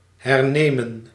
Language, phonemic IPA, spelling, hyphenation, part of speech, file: Dutch, /ˌɦɛrˈneːmə(n)/, hernemen, her‧ne‧men, verb, Nl-hernemen.ogg
- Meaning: 1. to retake (take again) 2. to perform (the same work) again on stage